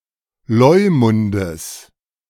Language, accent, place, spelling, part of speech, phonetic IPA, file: German, Germany, Berlin, Leumundes, noun, [ˈlɔɪ̯mʊndəs], De-Leumundes.ogg
- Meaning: genitive of Leumund